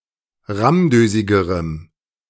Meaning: strong dative masculine/neuter singular comparative degree of rammdösig
- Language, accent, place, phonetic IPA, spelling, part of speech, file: German, Germany, Berlin, [ˈʁamˌdøːzɪɡəʁəm], rammdösigerem, adjective, De-rammdösigerem.ogg